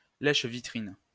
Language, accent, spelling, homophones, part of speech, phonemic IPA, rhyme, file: French, France, lèche-vitrine, lèche-vitrines, noun, /lɛʃ.vi.tʁin/, -in, LL-Q150 (fra)-lèche-vitrine.wav
- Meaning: 1. window-shopping 2. window-shopper